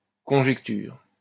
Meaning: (noun) conjecture; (verb) inflection of conjecturer: 1. first/third-person singular present indicative/subjunctive 2. second-person singular imperative
- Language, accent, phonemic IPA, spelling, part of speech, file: French, France, /kɔ̃.ʒɛk.tyʁ/, conjecture, noun / verb, LL-Q150 (fra)-conjecture.wav